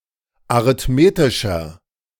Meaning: inflection of arithmetisch: 1. strong/mixed nominative masculine singular 2. strong genitive/dative feminine singular 3. strong genitive plural
- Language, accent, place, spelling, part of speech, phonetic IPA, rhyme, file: German, Germany, Berlin, arithmetischer, adjective, [aʁɪtˈmeːtɪʃɐ], -eːtɪʃɐ, De-arithmetischer.ogg